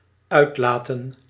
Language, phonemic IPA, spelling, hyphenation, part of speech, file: Dutch, /ˈœy̯tˌlaː.tə(n)/, uitlaten, uit‧la‧ten, verb / noun, Nl-uitlaten.ogg
- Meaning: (verb) 1. to release, notably: to liberate, set free 2. to release, notably: to walk, air (a pet, prisoner...) 3. to release, notably: to unleash (an ogre etc.) 4. to lengthen, notably a garment